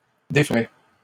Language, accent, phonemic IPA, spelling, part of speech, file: French, Canada, /de.fʁɛ/, déferait, verb, LL-Q150 (fra)-déferait.wav
- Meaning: third-person singular conditional of défaire